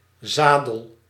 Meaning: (noun) 1. saddle (seat on a horse or a bicycle) 2. saddle (ridge between two hills); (verb) inflection of zadelen: first-person singular present indicative
- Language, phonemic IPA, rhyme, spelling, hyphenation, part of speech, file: Dutch, /ˈzaː.dəl/, -aːdəl, zadel, za‧del, noun / verb, Nl-zadel.ogg